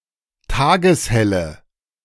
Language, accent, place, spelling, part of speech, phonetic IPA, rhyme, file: German, Germany, Berlin, tageshelle, adjective, [ˈtaːɡəsˈhɛlə], -ɛlə, De-tageshelle.ogg
- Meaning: inflection of tageshell: 1. strong/mixed nominative/accusative feminine singular 2. strong nominative/accusative plural 3. weak nominative all-gender singular